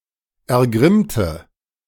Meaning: inflection of ergrimmen: 1. first/third-person singular preterite 2. first/third-person singular subjunctive II
- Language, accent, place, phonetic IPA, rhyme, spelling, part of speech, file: German, Germany, Berlin, [ɛɐ̯ˈɡʁɪmtə], -ɪmtə, ergrimmte, adjective / verb, De-ergrimmte.ogg